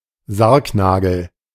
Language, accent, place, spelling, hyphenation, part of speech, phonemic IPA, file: German, Germany, Berlin, Sargnagel, Sarg‧na‧gel, noun, /ˈzaʁkˌnaːɡl̩/, De-Sargnagel.ogg
- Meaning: 1. nail in the coffin 2. coffin nail (cigarette)